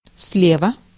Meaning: on the left; from the left
- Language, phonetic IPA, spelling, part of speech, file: Russian, [ˈs⁽ʲ⁾lʲevə], слева, adverb, Ru-слева.ogg